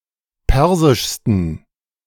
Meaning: 1. superlative degree of persisch 2. inflection of persisch: strong genitive masculine/neuter singular superlative degree
- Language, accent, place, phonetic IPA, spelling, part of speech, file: German, Germany, Berlin, [ˈpɛʁzɪʃstn̩], persischsten, adjective, De-persischsten.ogg